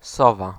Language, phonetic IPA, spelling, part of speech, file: Polish, [ˈsɔva], sowa, noun, Pl-sowa.ogg